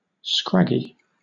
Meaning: 1. Rough and irregular; jagged 2. Lean or thin, scrawny
- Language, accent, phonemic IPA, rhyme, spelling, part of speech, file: English, Southern England, /ˈskɹæɡi/, -æɡi, scraggy, adjective, LL-Q1860 (eng)-scraggy.wav